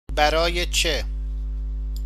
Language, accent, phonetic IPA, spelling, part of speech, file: Persian, Iran, [bæɾɑ jɛ t͡ʃɛ], برای چه, adverb, Fa-برای چه.ogg
- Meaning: why